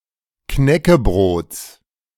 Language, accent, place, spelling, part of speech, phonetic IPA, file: German, Germany, Berlin, Knäckebrots, noun, [ˈknɛkəˌbʁoːt͡s], De-Knäckebrots.ogg
- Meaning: genitive singular of Knäckebrot